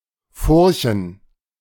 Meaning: plural of Furche
- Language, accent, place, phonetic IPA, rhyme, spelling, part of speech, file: German, Germany, Berlin, [ˈfʊʁçn̩], -ʊʁçn̩, Furchen, noun, De-Furchen.ogg